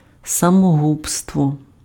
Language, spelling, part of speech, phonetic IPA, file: Ukrainian, самогубство, noun, [sɐmoˈɦubstwɔ], Uk-самогубство.ogg
- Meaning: suicide